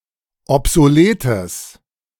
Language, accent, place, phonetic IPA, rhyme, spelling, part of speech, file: German, Germany, Berlin, [ɔpzoˈleːtəs], -eːtəs, obsoletes, adjective, De-obsoletes.ogg
- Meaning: strong/mixed nominative/accusative neuter singular of obsolet